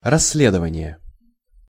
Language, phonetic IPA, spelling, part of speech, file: Russian, [rɐs⁽ʲ⁾ːˈlʲedəvənʲɪje], расследование, noun, Ru-расследование.ogg
- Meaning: investigation (the act of investigating)